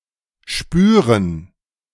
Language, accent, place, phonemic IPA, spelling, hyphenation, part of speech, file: German, Germany, Berlin, /ˈʃpyːʁən/, spüren, spü‧ren, verb, De-spüren.ogg
- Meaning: to sense, to detect, to perceive